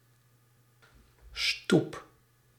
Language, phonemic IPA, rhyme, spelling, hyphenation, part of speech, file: Dutch, /stup/, -up, stoep, stoep, noun, Nl-stoep.ogg
- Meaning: 1. pavement, footpath, sidewalk 2. stoop, platform before a (major) door into a building, doorstep